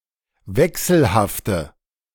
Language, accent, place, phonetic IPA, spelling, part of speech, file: German, Germany, Berlin, [ˈvɛksl̩haftə], wechselhafte, adjective, De-wechselhafte.ogg
- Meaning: inflection of wechselhaft: 1. strong/mixed nominative/accusative feminine singular 2. strong nominative/accusative plural 3. weak nominative all-gender singular